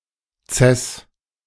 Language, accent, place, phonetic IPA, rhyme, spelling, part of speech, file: German, Germany, Berlin, [t͡sɛs], -ɛs, Ces, noun, De-Ces.ogg
- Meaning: C flat